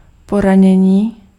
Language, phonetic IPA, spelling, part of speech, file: Czech, [ˈporaɲɛɲiː], poranění, noun, Cs-poranění.ogg
- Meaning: 1. verbal noun of poranit 2. injury